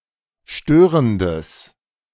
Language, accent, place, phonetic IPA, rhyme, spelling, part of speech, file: German, Germany, Berlin, [ˈʃtøːʁəndəs], -øːʁəndəs, störendes, adjective, De-störendes.ogg
- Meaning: strong/mixed nominative/accusative neuter singular of störend